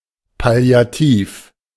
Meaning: palliative
- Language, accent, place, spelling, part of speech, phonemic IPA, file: German, Germany, Berlin, palliativ, adjective, /pali̯aˈtiːf/, De-palliativ.ogg